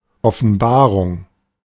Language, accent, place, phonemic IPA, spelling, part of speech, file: German, Germany, Berlin, /ˌɔfənˈbaːʁʊŋ/, Offenbarung, noun / proper noun, De-Offenbarung.ogg
- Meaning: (noun) revelation; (proper noun) Revelation